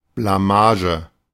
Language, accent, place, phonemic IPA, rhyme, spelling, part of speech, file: German, Germany, Berlin, /blaˈmaːʒə/, -aːʒə, Blamage, noun, De-Blamage.ogg
- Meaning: public disgrace; loss of face (but usually milder)